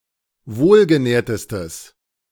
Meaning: strong/mixed nominative/accusative neuter singular superlative degree of wohlgenährt
- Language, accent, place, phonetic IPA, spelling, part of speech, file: German, Germany, Berlin, [ˈvoːlɡəˌnɛːɐ̯təstəs], wohlgenährtestes, adjective, De-wohlgenährtestes.ogg